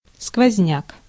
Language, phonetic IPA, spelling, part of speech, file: Russian, [skvɐzʲˈnʲak], сквозняк, noun, Ru-сквозняк.ogg
- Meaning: draught (a current of air)